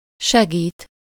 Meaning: 1. to help 2. to support, help (especially the indigent or afflicted) 3. to assist, to aid (mostly in the abstract sense) 4. to help, assist someone to get somewhere
- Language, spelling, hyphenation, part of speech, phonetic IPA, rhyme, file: Hungarian, segít, se‧gít, verb, [ˈʃɛɡiːt], -iːt, Hu-segít.ogg